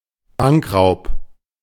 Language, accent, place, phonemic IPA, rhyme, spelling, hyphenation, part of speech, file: German, Germany, Berlin, /ˈbaŋkraʊ̯p/, -aʊ̯p, Bankraub, Bank‧raub, noun, De-Bankraub.ogg
- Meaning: bank robbery